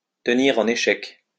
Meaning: to keep in check, to hold in check, to thwart
- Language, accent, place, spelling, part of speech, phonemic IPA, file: French, France, Lyon, tenir en échec, verb, /tə.niʁ ɑ̃.n‿e.ʃɛk/, LL-Q150 (fra)-tenir en échec.wav